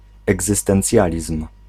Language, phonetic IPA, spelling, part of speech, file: Polish, [ˌɛɡzɨstɛ̃nˈt͡sʲjalʲism̥], egzystencjalizm, noun, Pl-egzystencjalizm.ogg